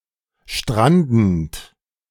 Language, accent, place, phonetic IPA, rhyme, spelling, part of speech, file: German, Germany, Berlin, [ˈʃtʁandn̩t], -andn̩t, strandend, verb, De-strandend.ogg
- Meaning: present participle of stranden